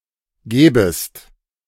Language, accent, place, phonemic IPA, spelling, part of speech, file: German, Germany, Berlin, /ˈɡɛːbəst/, gäbest, verb, De-gäbest.ogg
- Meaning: second-person singular subjunctive II of geben